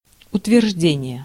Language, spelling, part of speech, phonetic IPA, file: Russian, утверждение, noun, [ʊtvʲɪrʐˈdʲenʲɪje], Ru-утверждение.ogg
- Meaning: 1. strengthening, consolidation 2. approval, confirmation, ratification 3. assertion, affirmation, statement (declaration or remark), claim